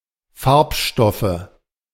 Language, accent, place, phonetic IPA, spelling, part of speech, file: German, Germany, Berlin, [ˈfaʁpˌʃtɔfə], Farbstoffe, noun, De-Farbstoffe.ogg
- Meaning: nominative/accusative/genitive plural of Farbstoff